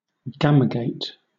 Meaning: A worker insect that can become capable of reproducing when the queen has died
- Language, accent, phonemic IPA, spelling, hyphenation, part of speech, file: English, Southern England, /ˈɡæm.ə.ɡeɪt/, gamergate, gam‧er‧gate, noun, LL-Q1860 (eng)-gamergate.wav